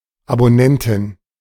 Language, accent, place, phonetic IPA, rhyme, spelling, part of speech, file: German, Germany, Berlin, [aboˈnɛntɪn], -ɛntɪn, Abonnentin, noun, De-Abonnentin.ogg
- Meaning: feminine equivalent of Abonnent m (“subscriber”)